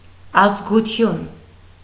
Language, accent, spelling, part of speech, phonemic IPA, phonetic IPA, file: Armenian, Eastern Armenian, ազգություն, noun, /ɑzɡuˈtʰjun/, [ɑzɡut͡sʰjún], Hy-ազգություն.ogg
- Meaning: 1. ethnic group; ethnicity 2. nationality